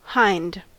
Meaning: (adjective) 1. Located at the rear (most often said of animals' body parts) 2. Backward; to the rear; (noun) A doe (female deer), especially a red deer at least two years old
- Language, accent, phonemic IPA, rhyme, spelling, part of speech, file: English, US, /haɪnd/, -aɪnd, hind, adjective / noun, En-us-hind.ogg